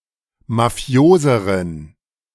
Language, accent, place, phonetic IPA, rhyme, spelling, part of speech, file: German, Germany, Berlin, [maˈfi̯oːzəʁən], -oːzəʁən, mafioseren, adjective, De-mafioseren.ogg
- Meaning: inflection of mafios: 1. strong genitive masculine/neuter singular comparative degree 2. weak/mixed genitive/dative all-gender singular comparative degree